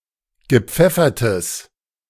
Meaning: strong/mixed nominative/accusative neuter singular of gepfeffert
- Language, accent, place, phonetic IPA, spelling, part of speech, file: German, Germany, Berlin, [ɡəˈp͡fɛfɐtəs], gepfeffertes, adjective, De-gepfeffertes.ogg